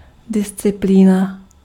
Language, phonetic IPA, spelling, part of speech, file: Czech, [ˈdɪst͡sɪpliːna], disciplína, noun, Cs-disciplína.ogg
- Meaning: 1. discipline (control) 2. discipline (of knowledge)